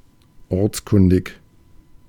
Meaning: local, knowing one's way around (being familiar with navigating a locality)
- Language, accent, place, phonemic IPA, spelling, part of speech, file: German, Germany, Berlin, /ˈɔʁt͡sˌkʊndɪk/, ortskundig, adjective, De-ortskundig.ogg